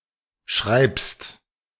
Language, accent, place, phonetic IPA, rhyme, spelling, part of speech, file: German, Germany, Berlin, [ʃʁaɪ̯pst], -aɪ̯pst, schreibst, verb, De-schreibst.ogg
- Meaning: second-person singular present of schreiben